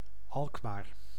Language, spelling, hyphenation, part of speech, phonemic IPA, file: Dutch, Alkmaar, Alk‧maar, proper noun, /ˈɑlk.maːr/, Nl-Alkmaar.ogg
- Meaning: Alkmaar (a city and municipality of North Holland, Netherlands)